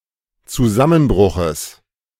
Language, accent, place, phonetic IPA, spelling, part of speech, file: German, Germany, Berlin, [t͡suˈzamənˌbʁʊxəs], Zusammenbruches, noun, De-Zusammenbruches.ogg
- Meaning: genitive singular of Zusammenbruch